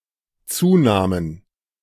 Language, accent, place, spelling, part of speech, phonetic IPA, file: German, Germany, Berlin, zunahmen, verb, [ˈt͡suːˌnaːmən], De-zunahmen.ogg
- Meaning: first/third-person plural dependent preterite of zunehmen